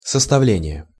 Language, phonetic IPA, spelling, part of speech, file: Russian, [səstɐˈvlʲenʲɪje], составление, noun, Ru-составление.ogg
- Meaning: making, compiling, working out, drawing up